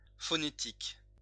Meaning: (adjective) phonetic; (noun) phonetics
- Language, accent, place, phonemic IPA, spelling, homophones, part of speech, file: French, France, Lyon, /fɔ.ne.tik/, phonétique, phonétiques, adjective / noun, LL-Q150 (fra)-phonétique.wav